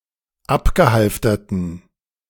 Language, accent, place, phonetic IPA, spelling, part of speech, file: German, Germany, Berlin, [ˈapɡəˌhalftɐtn̩], abgehalfterten, adjective, De-abgehalfterten.ogg
- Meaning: inflection of abgehalftert: 1. strong genitive masculine/neuter singular 2. weak/mixed genitive/dative all-gender singular 3. strong/weak/mixed accusative masculine singular 4. strong dative plural